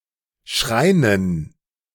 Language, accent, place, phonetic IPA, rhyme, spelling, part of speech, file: German, Germany, Berlin, [ˈʃʁaɪ̯nən], -aɪ̯nən, Schreinen, noun, De-Schreinen.ogg
- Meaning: dative plural of Schrein